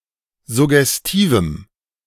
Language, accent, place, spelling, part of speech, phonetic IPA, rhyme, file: German, Germany, Berlin, suggestivem, adjective, [zʊɡɛsˈtiːvm̩], -iːvm̩, De-suggestivem.ogg
- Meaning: strong dative masculine/neuter singular of suggestiv